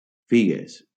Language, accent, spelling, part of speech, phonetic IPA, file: Catalan, Valencia, figues, noun, [ˈfi.ɣes], LL-Q7026 (cat)-figues.wav
- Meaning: plural of figa